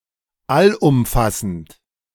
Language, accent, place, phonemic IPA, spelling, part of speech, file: German, Germany, Berlin, /alʔʊmˈfasn̩t/, allumfassend, adjective, De-allumfassend.ogg
- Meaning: 1. all-embracing 2. universal, global